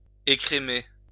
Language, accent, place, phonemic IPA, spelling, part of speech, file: French, France, Lyon, /e.kʁe.me/, écrémer, verb, LL-Q150 (fra)-écrémer.wav
- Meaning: to skim (milk)